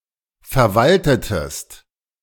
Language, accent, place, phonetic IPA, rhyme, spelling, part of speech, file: German, Germany, Berlin, [fɛɐ̯ˈvaltətəst], -altətəst, verwaltetest, verb, De-verwaltetest.ogg
- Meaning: inflection of verwalten: 1. second-person singular preterite 2. second-person singular subjunctive II